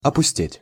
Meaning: 1. to become empty 2. to become deserted
- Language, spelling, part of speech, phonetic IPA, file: Russian, опустеть, verb, [ɐpʊˈsʲtʲetʲ], Ru-опустеть.ogg